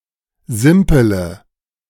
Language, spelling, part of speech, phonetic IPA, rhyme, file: German, simpele, verb, [ˈzɪmpələ], -ɪmpələ, De-simpele.ogg